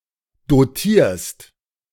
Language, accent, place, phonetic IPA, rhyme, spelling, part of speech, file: German, Germany, Berlin, [doˈtiːɐ̯st], -iːɐ̯st, dotierst, verb, De-dotierst.ogg
- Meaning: second-person singular present of dotieren